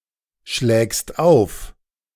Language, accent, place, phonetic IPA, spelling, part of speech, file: German, Germany, Berlin, [ʃlɛːkst ˈaʊ̯f], schlägst auf, verb, De-schlägst auf.ogg
- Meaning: second-person singular present of aufschlagen